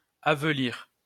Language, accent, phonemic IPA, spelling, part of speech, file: French, France, /a.vø.liʁ/, aveulir, verb, LL-Q150 (fra)-aveulir.wav
- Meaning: 1. to enfeeble 2. to debase